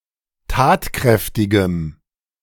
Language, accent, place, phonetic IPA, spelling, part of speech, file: German, Germany, Berlin, [ˈtaːtˌkʁɛftɪɡəm], tatkräftigem, adjective, De-tatkräftigem.ogg
- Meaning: strong dative masculine/neuter singular of tatkräftig